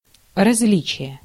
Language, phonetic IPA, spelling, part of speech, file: Russian, [rɐz⁽ʲ⁾ˈlʲit͡ɕɪje], различие, noun, Ru-различие.ogg
- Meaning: difference (quality of being different, used in a comparison)